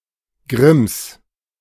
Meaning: genitive of Grimm
- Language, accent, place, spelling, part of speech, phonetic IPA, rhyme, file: German, Germany, Berlin, Grimms, noun, [ɡʁɪms], -ɪms, De-Grimms.ogg